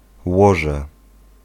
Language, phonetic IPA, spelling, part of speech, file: Polish, [ˈwɔʒɛ], łoże, noun, Pl-łoże.ogg